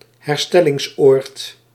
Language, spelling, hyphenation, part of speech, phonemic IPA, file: Dutch, herstellingsoord, her‧stel‧lings‧oord, noun, /ɦɛrˈstɛ.lɪŋsˌoːrt/, Nl-herstellingsoord.ogg
- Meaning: sanatorium